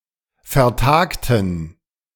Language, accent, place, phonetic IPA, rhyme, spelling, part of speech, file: German, Germany, Berlin, [fɛɐ̯ˈtaːktn̩], -aːktn̩, vertagten, adjective / verb, De-vertagten.ogg
- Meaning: inflection of vertagen: 1. first/third-person plural preterite 2. first/third-person plural subjunctive II